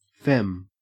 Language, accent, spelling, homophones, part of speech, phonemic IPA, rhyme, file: English, Australia, fem, femme, noun / adjective, /fɛm/, -ɛm, En-au-fem.ogg
- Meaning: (noun) 1. Synonym of femme 2. A feminine or effeminate person; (adjective) Feminine, effeminate